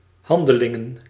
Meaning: plural of handeling
- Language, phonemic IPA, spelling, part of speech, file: Dutch, /ˈhɑndəlɪŋə(n)/, handelingen, noun, Nl-handelingen.ogg